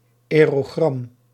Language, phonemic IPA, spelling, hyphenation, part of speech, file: Dutch, /ˌɛː.roːˈɣrɑm/, aerogram, ae‧ro‧gram, noun, Nl-aerogram.ogg
- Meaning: aerogram (a thin piece of foldable and gummed paper for writing a letter and serving as its own envelope for transit via airmail)